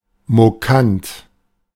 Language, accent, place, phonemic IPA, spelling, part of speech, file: German, Germany, Berlin, /moˈkant/, mokant, adjective, De-mokant.ogg
- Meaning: sardonic, mocking, sarcastic